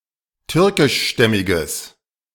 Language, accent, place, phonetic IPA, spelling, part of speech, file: German, Germany, Berlin, [ˈtʏʁkɪʃˌʃtɛmɪɡəs], türkischstämmiges, adjective, De-türkischstämmiges.ogg
- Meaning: strong/mixed nominative/accusative neuter singular of türkischstämmig